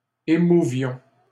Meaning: inflection of émouvoir: 1. first-person plural imperfect indicative 2. first-person plural present subjunctive
- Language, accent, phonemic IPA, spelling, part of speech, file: French, Canada, /e.mu.vjɔ̃/, émouvions, verb, LL-Q150 (fra)-émouvions.wav